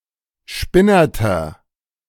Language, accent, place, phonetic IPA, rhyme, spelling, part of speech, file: German, Germany, Berlin, [ˈʃpɪnɐtɐ], -ɪnɐtɐ, spinnerter, adjective, De-spinnerter.ogg
- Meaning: 1. comparative degree of spinnert 2. inflection of spinnert: strong/mixed nominative masculine singular 3. inflection of spinnert: strong genitive/dative feminine singular